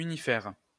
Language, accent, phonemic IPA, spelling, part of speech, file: French, France, /y.ni.fɛʁ/, unifère, adjective, LL-Q150 (fra)-unifère.wav
- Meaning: unitary